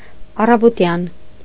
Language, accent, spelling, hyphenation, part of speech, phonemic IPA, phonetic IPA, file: Armenian, Eastern Armenian, առավոտյան, ա‧ռա‧վո‧տյան, adjective / adverb, /ɑrɑvoˈtjɑn/, [ɑrɑvotjɑ́n], Hy-առավոտյան.ogg
- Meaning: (adjective) morning (attributive); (adverb) in the morning